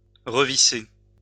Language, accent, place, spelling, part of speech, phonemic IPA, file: French, France, Lyon, revisser, verb, /ʁə.vi.se/, LL-Q150 (fra)-revisser.wav
- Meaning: to screw back or again